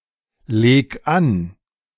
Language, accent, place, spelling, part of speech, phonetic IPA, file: German, Germany, Berlin, leg an, verb, [ˌleːk ˈan], De-leg an.ogg
- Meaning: 1. singular imperative of anlegen 2. first-person singular present of anlegen